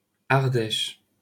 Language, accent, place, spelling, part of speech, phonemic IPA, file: French, France, Paris, Ardèche, proper noun, /aʁ.dɛʃ/, LL-Q150 (fra)-Ardèche.wav
- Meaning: 1. Ardèche (a department in Auvergne-Rhône-Alpes, south-central France) 2. Ardèche (a right tributary of the Rhône in the departments of Ardèche and Gard, south-central France)